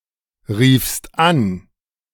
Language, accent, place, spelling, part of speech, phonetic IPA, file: German, Germany, Berlin, riefst an, verb, [ˌʁiːfst ˈan], De-riefst an.ogg
- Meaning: second-person singular preterite of anrufen